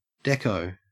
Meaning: A look; a glance
- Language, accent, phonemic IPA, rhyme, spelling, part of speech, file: English, Australia, /ˈdɛk.əʊ/, -ɛkəʊ, dekko, noun, En-au-dekko.ogg